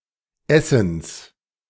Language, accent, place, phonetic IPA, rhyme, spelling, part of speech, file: German, Germany, Berlin, [ˈɛsn̩s], -ɛsn̩s, Essens, noun, De-Essens.ogg
- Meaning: genitive singular of Essen